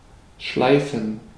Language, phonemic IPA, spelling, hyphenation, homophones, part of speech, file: German, /ˈʃlaɪ̯fən/, schleifen, schlei‧fen, Schleifen, verb, De-schleifen.ogg
- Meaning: 1. to whet, grind (smooth and/or sharpen a surface by abrasion) 2. to drill, train, especially in a vexatious manner 3. to drag, to move across a surface, to slide heavily